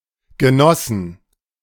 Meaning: inflection of Genosse: 1. genitive/dative/accusative singular 2. nominative/genitive/dative/accusative plural
- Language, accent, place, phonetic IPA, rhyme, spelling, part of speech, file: German, Germany, Berlin, [ɡəˈnɔsn̩], -ɔsn̩, Genossen, noun, De-Genossen.ogg